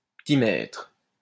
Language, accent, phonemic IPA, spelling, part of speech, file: French, France, /pə.ti.mɛtʁ/, petit-maître, noun, LL-Q150 (fra)-petit-maître.wav
- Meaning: dandy, coxcomb